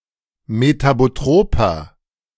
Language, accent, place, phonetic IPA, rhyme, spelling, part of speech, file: German, Germany, Berlin, [metaboˈtʁoːpɐ], -oːpɐ, metabotroper, adjective, De-metabotroper.ogg
- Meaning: inflection of metabotrop: 1. strong/mixed nominative masculine singular 2. strong genitive/dative feminine singular 3. strong genitive plural